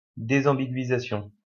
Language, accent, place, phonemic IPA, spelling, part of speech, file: French, France, Lyon, /de.zɑ̃.bi.ɡɥi.za.sjɔ̃/, désambiguïsation, noun, LL-Q150 (fra)-désambiguïsation.wav
- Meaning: disambiguation